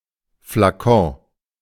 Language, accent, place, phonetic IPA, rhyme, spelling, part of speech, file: German, Germany, Berlin, [flaˈkɔ̃ː], -ɔ̃ː, Flakon, noun, De-Flakon.ogg
- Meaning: vial